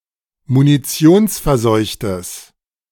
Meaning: strong/mixed nominative/accusative neuter singular of munitionsverseucht
- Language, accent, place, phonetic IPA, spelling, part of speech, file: German, Germany, Berlin, [muniˈt͡si̯oːnsfɛɐ̯ˌzɔɪ̯çtəs], munitionsverseuchtes, adjective, De-munitionsverseuchtes.ogg